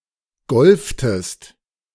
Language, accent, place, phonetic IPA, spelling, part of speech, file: German, Germany, Berlin, [ˈɡɔlftəst], golftest, verb, De-golftest.ogg
- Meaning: inflection of golfen: 1. second-person singular preterite 2. second-person singular subjunctive II